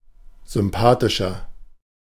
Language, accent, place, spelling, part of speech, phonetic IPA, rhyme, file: German, Germany, Berlin, sympathischer, adjective, [zʏmˈpaːtɪʃɐ], -aːtɪʃɐ, De-sympathischer.ogg
- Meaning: 1. comparative degree of sympathisch 2. inflection of sympathisch: strong/mixed nominative masculine singular 3. inflection of sympathisch: strong genitive/dative feminine singular